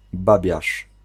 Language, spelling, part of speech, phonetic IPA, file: Polish, babiarz, noun, [ˈbabʲjaʃ], Pl-babiarz.ogg